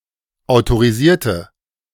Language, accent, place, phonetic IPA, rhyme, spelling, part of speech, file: German, Germany, Berlin, [aʊ̯toʁiˈziːɐ̯tə], -iːɐ̯tə, autorisierte, adjective / verb, De-autorisierte.ogg
- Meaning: inflection of autorisieren: 1. first/third-person singular preterite 2. first/third-person singular subjunctive II